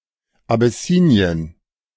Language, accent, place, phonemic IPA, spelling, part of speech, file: German, Germany, Berlin, /abeˈsiːni̯ən/, Abessinien, proper noun / noun, De-Abessinien.ogg
- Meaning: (proper noun) Abyssinia (former name of Ethiopia: a country and former empire in East Africa; used as an exonym until the mid 20th century); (noun) nude beach, nudist beach